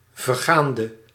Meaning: inflection of vergaand: 1. masculine/feminine singular attributive 2. definite neuter singular attributive 3. plural attributive
- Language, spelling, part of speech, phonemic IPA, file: Dutch, vergaande, verb, /vərˈɣaːndə/, Nl-vergaande.ogg